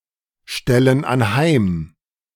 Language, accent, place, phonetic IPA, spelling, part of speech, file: German, Germany, Berlin, [ˌʃtɛlən anˈhaɪ̯m], stellen anheim, verb, De-stellen anheim.ogg
- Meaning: inflection of anheimstellen: 1. first/third-person plural present 2. first/third-person plural subjunctive I